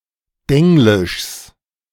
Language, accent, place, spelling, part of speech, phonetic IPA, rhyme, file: German, Germany, Berlin, Denglischs, noun, [ˈdɛŋlɪʃs], -ɛŋlɪʃs, De-Denglischs.ogg
- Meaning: genitive of Denglisch